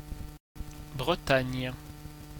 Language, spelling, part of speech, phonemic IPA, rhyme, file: French, Bretagne, proper noun, /bʁə.taɲ/, -aɲ, Fr-Bretagne.ogg
- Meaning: 1. Brittany (a cultural region, historical province, and peninsula in northwest France) 2. Brittany (an administrative region of northwest France, including most of the historic region of Brittany)